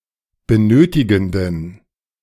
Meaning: inflection of benötigend: 1. strong genitive masculine/neuter singular 2. weak/mixed genitive/dative all-gender singular 3. strong/weak/mixed accusative masculine singular 4. strong dative plural
- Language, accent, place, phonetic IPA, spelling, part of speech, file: German, Germany, Berlin, [bəˈnøːtɪɡn̩dən], benötigenden, adjective, De-benötigenden.ogg